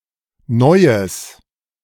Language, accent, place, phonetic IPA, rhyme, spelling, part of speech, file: German, Germany, Berlin, [ˈnɔɪ̯əs], -ɔɪ̯əs, neues, adjective, De-neues.ogg
- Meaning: strong/mixed nominative/accusative neuter singular of neu